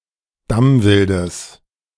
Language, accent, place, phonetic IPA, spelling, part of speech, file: German, Germany, Berlin, [ˈdamvɪldəs], Damwildes, noun, De-Damwildes.ogg
- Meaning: genitive singular of Damwild